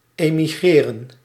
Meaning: 1. to emigrate 2. to move, to relocate
- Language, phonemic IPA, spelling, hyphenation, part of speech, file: Dutch, /ˌeː.miˈɣreː.rə(n)/, emigreren, emi‧gre‧ren, verb, Nl-emigreren.ogg